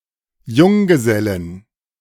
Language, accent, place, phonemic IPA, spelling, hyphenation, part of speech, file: German, Germany, Berlin, /ˈjʊŋɡəˌzɛlɪn/, Junggesellin, Jung‧ge‧sel‧lin, noun, De-Junggesellin.ogg
- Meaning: bachelorette